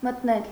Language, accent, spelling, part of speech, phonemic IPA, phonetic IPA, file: Armenian, Eastern Armenian, մտնել, verb, /mətˈnel/, [mətnél], Hy-մտնել.ogg
- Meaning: to enter